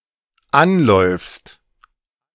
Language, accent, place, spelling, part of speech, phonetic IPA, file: German, Germany, Berlin, anläufst, verb, [ˈanˌlɔɪ̯fst], De-anläufst.ogg
- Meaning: second-person singular dependent present of anlaufen